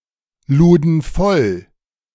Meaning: first/third-person plural preterite of vollladen
- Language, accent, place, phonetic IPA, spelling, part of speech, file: German, Germany, Berlin, [ˌluːdn̩ ˈfɔl], luden voll, verb, De-luden voll.ogg